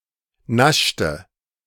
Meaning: inflection of naschen: 1. first/third-person singular preterite 2. first/third-person singular subjunctive II
- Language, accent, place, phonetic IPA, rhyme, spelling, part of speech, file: German, Germany, Berlin, [ˈnaʃtə], -aʃtə, naschte, verb, De-naschte.ogg